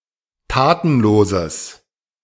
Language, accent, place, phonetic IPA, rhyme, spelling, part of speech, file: German, Germany, Berlin, [ˈtaːtn̩ˌloːzəs], -aːtn̩loːzəs, tatenloses, adjective, De-tatenloses.ogg
- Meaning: strong/mixed nominative/accusative neuter singular of tatenlos